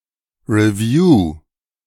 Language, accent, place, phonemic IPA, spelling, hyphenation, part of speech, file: German, Germany, Berlin, /ˈrɛvju/, Review, Re‧view, noun, De-Review.ogg
- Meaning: 1. report 2. review